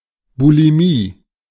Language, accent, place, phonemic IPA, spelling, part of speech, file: German, Germany, Berlin, /buliˈmiː/, Bulimie, noun, De-Bulimie.ogg
- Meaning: bulimia